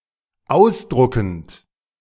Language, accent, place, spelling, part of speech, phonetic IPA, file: German, Germany, Berlin, ausdruckend, verb, [ˈaʊ̯sˌdʁʊkn̩t], De-ausdruckend.ogg
- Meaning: present participle of ausdrucken